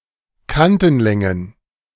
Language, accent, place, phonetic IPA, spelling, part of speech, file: German, Germany, Berlin, [ˈkantn̩ˌlɛŋən], Kantenlängen, noun, De-Kantenlängen.ogg
- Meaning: plural of Kantenlänge